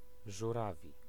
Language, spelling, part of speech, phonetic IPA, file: Polish, żurawi, adjective / noun, [ʒuˈravʲi], Pl-żurawi.ogg